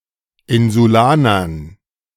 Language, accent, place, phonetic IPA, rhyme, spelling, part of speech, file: German, Germany, Berlin, [ˌɪnzuˈlaːnɐn], -aːnɐn, Insulanern, noun, De-Insulanern.ogg
- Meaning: dative plural of Insulaner